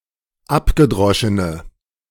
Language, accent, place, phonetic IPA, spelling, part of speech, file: German, Germany, Berlin, [ˈapɡəˌdʁɔʃənə], abgedroschene, adjective, De-abgedroschene.ogg
- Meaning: inflection of abgedroschen: 1. strong/mixed nominative/accusative feminine singular 2. strong nominative/accusative plural 3. weak nominative all-gender singular